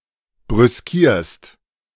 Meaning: second-person singular present of brüskieren
- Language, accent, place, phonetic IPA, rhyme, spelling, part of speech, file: German, Germany, Berlin, [bʁʏsˈkiːɐ̯st], -iːɐ̯st, brüskierst, verb, De-brüskierst.ogg